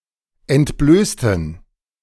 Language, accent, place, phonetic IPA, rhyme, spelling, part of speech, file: German, Germany, Berlin, [ɛntˈbløːstn̩], -øːstn̩, entblößten, adjective / verb, De-entblößten.ogg
- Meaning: inflection of entblößen: 1. first/third-person plural preterite 2. first/third-person plural subjunctive II